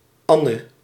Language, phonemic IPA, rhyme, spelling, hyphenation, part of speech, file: Dutch, /ˈɑ.nə/, -ɑnə, Anne, An‧ne, proper noun, Nl-Anne.ogg
- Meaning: 1. a female given name, equivalent to English Ann or Anne 2. a male given name